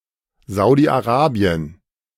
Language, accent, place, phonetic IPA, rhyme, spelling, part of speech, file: German, Germany, Berlin, [ˌzaʊ̯diʔaˈʁaːbi̯ən], -aːbi̯ən, Saudi-Arabien, proper noun, De-Saudi-Arabien.ogg
- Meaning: Saudi Arabia (a country in West Asia in the Middle East)